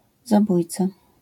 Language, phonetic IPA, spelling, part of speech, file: Polish, [zaˈbujt͡sa], zabójca, noun, LL-Q809 (pol)-zabójca.wav